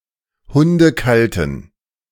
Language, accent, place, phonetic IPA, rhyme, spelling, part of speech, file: German, Germany, Berlin, [ˌhʊndəˈkaltn̩], -altn̩, hundekalten, adjective, De-hundekalten.ogg
- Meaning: inflection of hundekalt: 1. strong genitive masculine/neuter singular 2. weak/mixed genitive/dative all-gender singular 3. strong/weak/mixed accusative masculine singular 4. strong dative plural